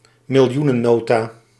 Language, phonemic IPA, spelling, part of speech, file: Dutch, /mɪlˈjunəˌnota/, miljoenennota, noun, Nl-miljoenennota.ogg
- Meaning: annual budget of the kingdom of the Netherlands, as presented in the miljoenenrede (a formal speech in the Tweede Kamer by the Dutch Minister of Finance)